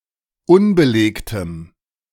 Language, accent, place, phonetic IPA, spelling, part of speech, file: German, Germany, Berlin, [ˈʊnbəˌleːktəm], unbelegtem, adjective, De-unbelegtem.ogg
- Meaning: strong dative masculine/neuter singular of unbelegt